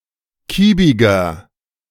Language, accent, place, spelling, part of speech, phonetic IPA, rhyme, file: German, Germany, Berlin, kiebiger, adjective, [ˈkiːbɪɡɐ], -iːbɪɡɐ, De-kiebiger.ogg
- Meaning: 1. comparative degree of kiebig 2. inflection of kiebig: strong/mixed nominative masculine singular 3. inflection of kiebig: strong genitive/dative feminine singular